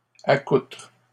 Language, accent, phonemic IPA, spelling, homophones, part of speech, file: French, Canada, /a.kutʁ/, accoutre, accoutrent / accoutres, verb, LL-Q150 (fra)-accoutre.wav
- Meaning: inflection of accoutrer: 1. first/third-person singular present indicative/subjunctive 2. second-person singular imperative